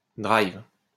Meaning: inflection of driver: 1. first/third-person singular present indicative/subjunctive 2. second-person singular imperative
- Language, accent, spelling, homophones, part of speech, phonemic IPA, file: French, France, drive, drivent / drives, verb, /dʁajv/, LL-Q150 (fra)-drive.wav